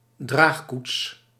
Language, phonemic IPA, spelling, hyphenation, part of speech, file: Dutch, /ˈdraːx.kuts/, draagkoets, draag‧koets, noun, Nl-draagkoets.ogg
- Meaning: litter (portable bed or couch used as a mode of transport)